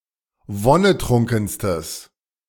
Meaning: strong/mixed nominative/accusative neuter singular superlative degree of wonnetrunken
- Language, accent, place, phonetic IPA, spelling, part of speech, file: German, Germany, Berlin, [ˈvɔnəˌtʁʊŋkn̩stəs], wonnetrunkenstes, adjective, De-wonnetrunkenstes.ogg